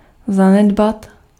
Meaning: to neglect
- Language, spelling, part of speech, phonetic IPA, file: Czech, zanedbat, verb, [ˈzanɛdbat], Cs-zanedbat.ogg